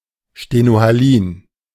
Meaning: stenohaline
- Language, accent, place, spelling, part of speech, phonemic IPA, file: German, Germany, Berlin, stenohalin, adjective, /ʃtenohaˈliːn/, De-stenohalin.ogg